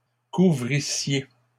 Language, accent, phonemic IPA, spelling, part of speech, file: French, Canada, /ku.vʁi.sje/, couvrissiez, verb, LL-Q150 (fra)-couvrissiez.wav
- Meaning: second-person plural imperfect subjunctive of couvrir